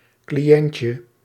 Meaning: diminutive of cliënt
- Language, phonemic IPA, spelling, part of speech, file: Dutch, /kliˈjɛɲcə/, cliëntje, noun, Nl-cliëntje.ogg